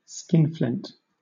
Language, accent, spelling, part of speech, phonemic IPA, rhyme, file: English, Southern England, skinflint, noun, /ˈskɪnflɪnt/, -ɪnt, LL-Q1860 (eng)-skinflint.wav
- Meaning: One who is excessively stingy or cautious with money; a tightwad; a miser